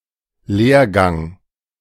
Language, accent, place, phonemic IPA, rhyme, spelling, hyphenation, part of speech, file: German, Germany, Berlin, /ˈleːɐ̯ˌɡaŋ/, -ɐ̯ɡaŋ, Lehrgang, Lehr‧gang, noun, De-Lehrgang.ogg
- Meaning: educational course